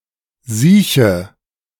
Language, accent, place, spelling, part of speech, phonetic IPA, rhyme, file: German, Germany, Berlin, sieche, adjective, [ˈziːçə], -iːçə, De-sieche.ogg
- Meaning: inflection of siech: 1. strong/mixed nominative/accusative feminine singular 2. strong nominative/accusative plural 3. weak nominative all-gender singular 4. weak accusative feminine/neuter singular